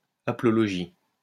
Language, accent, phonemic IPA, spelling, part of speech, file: French, France, /a.plɔ.lɔ.ʒi/, haplologie, noun, LL-Q150 (fra)-haplologie.wav
- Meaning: haplology